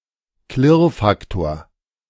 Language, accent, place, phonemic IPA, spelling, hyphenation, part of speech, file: German, Germany, Berlin, /ˈklɪʁˌfaktoːɐ̯/, Klirrfaktor, Klirr‧fak‧tor, noun, De-Klirrfaktor.ogg
- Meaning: distortion factor, harmonic distortion